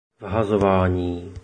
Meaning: throw-in
- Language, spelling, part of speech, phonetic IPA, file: Czech, vhazování, noun, [ˈvɦazovaːɲiː], Cs-vhazování.oga